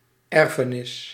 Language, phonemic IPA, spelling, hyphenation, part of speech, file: Dutch, /ˈɛr.fəˌnɪs/, erfenis, er‧fe‧nis, noun, Nl-erfenis.ogg
- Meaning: 1. estate, inheritance 2. heritage (e.g. cultural)